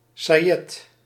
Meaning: combed and twined woollen yarn of short fibres
- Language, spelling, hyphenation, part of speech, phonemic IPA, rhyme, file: Dutch, sajet, sa‧jet, noun, /saːˈjɛt/, -ɛt, Nl-sajet.ogg